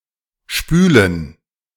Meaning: 1. gerund of spülen 2. plural of Spüle
- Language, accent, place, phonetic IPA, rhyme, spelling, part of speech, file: German, Germany, Berlin, [ˈʃpyːlən], -yːlən, Spülen, noun, De-Spülen.ogg